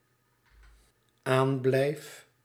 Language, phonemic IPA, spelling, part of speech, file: Dutch, /ˈamblɛif/, aanblijf, verb, Nl-aanblijf.ogg
- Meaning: first-person singular dependent-clause present indicative of aanblijven